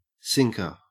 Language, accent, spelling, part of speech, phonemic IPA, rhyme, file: English, Australia, sinker, noun, /ˈsɪŋkə(ɹ)/, -ɪŋkə(ɹ), En-au-sinker.ogg
- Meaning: 1. That which sinks or descends 2. One who sinks something 3. A weight used in fishing to cause the line or net to sink